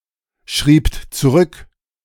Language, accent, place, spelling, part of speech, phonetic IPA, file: German, Germany, Berlin, schriebt zurück, verb, [ˌʃʁiːpt t͡suˈʁʏk], De-schriebt zurück.ogg
- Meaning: second-person plural preterite of zurückschreiben